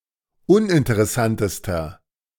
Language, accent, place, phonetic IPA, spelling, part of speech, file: German, Germany, Berlin, [ˈʊnʔɪntəʁɛˌsantəstɐ], uninteressantester, adjective, De-uninteressantester.ogg
- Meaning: inflection of uninteressant: 1. strong/mixed nominative masculine singular superlative degree 2. strong genitive/dative feminine singular superlative degree